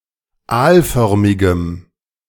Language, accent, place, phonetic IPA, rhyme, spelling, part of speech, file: German, Germany, Berlin, [ˈaːlˌfœʁmɪɡəm], -aːlfœʁmɪɡəm, aalförmigem, adjective, De-aalförmigem.ogg
- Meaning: strong dative masculine/neuter singular of aalförmig